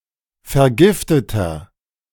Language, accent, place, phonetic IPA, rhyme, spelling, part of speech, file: German, Germany, Berlin, [fɛɐ̯ˈɡɪftətɐ], -ɪftətɐ, vergifteter, adjective, De-vergifteter.ogg
- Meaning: inflection of vergiftet: 1. strong/mixed nominative masculine singular 2. strong genitive/dative feminine singular 3. strong genitive plural